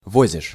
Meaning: second-person singular present indicative imperfective of вози́ть (vozítʹ)
- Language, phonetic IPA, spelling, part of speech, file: Russian, [ˈvozʲɪʂ], возишь, verb, Ru-возишь.ogg